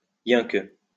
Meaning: only, just
- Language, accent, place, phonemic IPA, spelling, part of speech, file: French, France, Lyon, /jɛ̃k/, yinque, adverb, LL-Q150 (fra)-yinque.wav